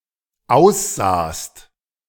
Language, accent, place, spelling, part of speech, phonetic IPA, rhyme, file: German, Germany, Berlin, aussahst, verb, [ˈaʊ̯sˌzaːst], -aʊ̯szaːst, De-aussahst.ogg
- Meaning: second-person singular dependent preterite of aussehen